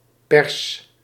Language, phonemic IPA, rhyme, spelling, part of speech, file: Dutch, /pɛrs/, -ɛrs, Pers, proper noun, Nl-Pers.ogg
- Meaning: a Persian, a person from Persia